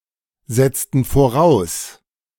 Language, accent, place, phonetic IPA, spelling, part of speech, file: German, Germany, Berlin, [ˌzɛt͡stn̩ foˈʁaʊ̯s], setzten voraus, verb, De-setzten voraus.ogg
- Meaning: inflection of voraussetzen: 1. first/third-person plural preterite 2. first/third-person plural subjunctive II